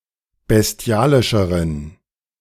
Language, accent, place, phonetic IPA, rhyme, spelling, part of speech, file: German, Germany, Berlin, [bɛsˈti̯aːlɪʃəʁən], -aːlɪʃəʁən, bestialischeren, adjective, De-bestialischeren.ogg
- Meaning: inflection of bestialisch: 1. strong genitive masculine/neuter singular comparative degree 2. weak/mixed genitive/dative all-gender singular comparative degree